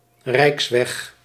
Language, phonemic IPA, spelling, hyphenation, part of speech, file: Dutch, /ˈrɛi̯ks.ʋɛx/, rijksweg, rijks‧weg, noun, Nl-rijksweg.ogg
- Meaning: a road built and maintained under national authority